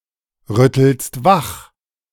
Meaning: second-person singular present of wachrütteln
- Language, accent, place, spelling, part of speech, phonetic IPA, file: German, Germany, Berlin, rüttelst wach, verb, [ˌʁʏtl̩st ˈvax], De-rüttelst wach.ogg